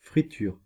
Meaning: 1. the act of frying 2. fried product 3. anything that assists in frying such as butter and oil 4. signal interference in radios and etc, crackling 5. chip shop, fish and chips takeaway
- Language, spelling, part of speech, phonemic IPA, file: French, friture, noun, /fʁi.tyʁ/, Fr-friture.ogg